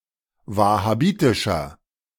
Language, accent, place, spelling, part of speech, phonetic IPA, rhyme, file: German, Germany, Berlin, wahhabitischer, adjective, [ˌvahaˈbiːtɪʃɐ], -iːtɪʃɐ, De-wahhabitischer.ogg
- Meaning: inflection of wahhabitisch: 1. strong/mixed nominative masculine singular 2. strong genitive/dative feminine singular 3. strong genitive plural